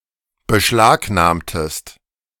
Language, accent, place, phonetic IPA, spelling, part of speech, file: German, Germany, Berlin, [bəˈʃlaːkˌnaːmtəst], beschlagnahmtest, verb, De-beschlagnahmtest.ogg
- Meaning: inflection of beschlagnahmen: 1. second-person singular preterite 2. second-person singular subjunctive II